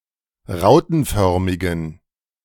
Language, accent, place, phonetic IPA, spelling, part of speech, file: German, Germany, Berlin, [ˈʁaʊ̯tn̩ˌfœʁmɪɡn̩], rautenförmigen, adjective, De-rautenförmigen.ogg
- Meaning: inflection of rautenförmig: 1. strong genitive masculine/neuter singular 2. weak/mixed genitive/dative all-gender singular 3. strong/weak/mixed accusative masculine singular 4. strong dative plural